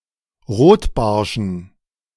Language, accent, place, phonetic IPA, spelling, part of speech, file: German, Germany, Berlin, [ˈʁoːtˌbaʁʃn̩], Rotbarschen, noun, De-Rotbarschen.ogg
- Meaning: dative plural of Rotbarsch